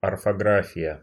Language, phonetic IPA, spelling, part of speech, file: Russian, [ɐrfɐˈɡrafʲɪjə], орфография, noun, Ru-орфография.ogg
- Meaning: spelling, orthography